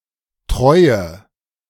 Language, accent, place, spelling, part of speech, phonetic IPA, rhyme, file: German, Germany, Berlin, treue, adjective, [ˈtʁɔɪ̯ə], -ɔɪ̯ə, De-treue.ogg
- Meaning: inflection of treu: 1. strong/mixed nominative/accusative feminine singular 2. strong nominative/accusative plural 3. weak nominative all-gender singular 4. weak accusative feminine/neuter singular